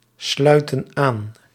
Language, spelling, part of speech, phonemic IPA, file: Dutch, sluiten aan, verb, /ˈslœytə(n) ˈan/, Nl-sluiten aan.ogg
- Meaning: inflection of aansluiten: 1. plural present indicative 2. plural present subjunctive